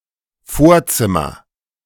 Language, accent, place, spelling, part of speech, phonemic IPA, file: German, Germany, Berlin, Vorzimmer, noun, /ˈfoːɐ̯ˌt͡sɪmɐ/, De-Vorzimmer.ogg
- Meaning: 1. entrance hall 2. hall, hallway, corridor